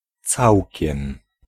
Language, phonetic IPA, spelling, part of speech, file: Polish, [ˈt͡sawʲcɛ̃m], całkiem, adverb, Pl-całkiem.ogg